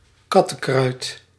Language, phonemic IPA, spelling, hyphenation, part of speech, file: Dutch, /ˈkɑ.tə(n)ˌkrœy̯t/, kattenkruid, kat‧ten‧kruid, noun, Nl-kattenkruid.ogg
- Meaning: catnip, catwort, any plant of the genus Nepeta